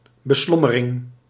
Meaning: daily worry, daily concerns
- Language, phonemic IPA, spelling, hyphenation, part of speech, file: Dutch, /bəˈslɔ.məˌrɪŋ/, beslommering, be‧slom‧me‧ring, noun, Nl-beslommering.ogg